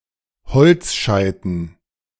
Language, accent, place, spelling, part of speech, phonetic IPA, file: German, Germany, Berlin, Holzscheiten, noun, [ˈhɔlt͡sˌʃaɪ̯tn̩], De-Holzscheiten.ogg
- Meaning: dative plural of Holzscheit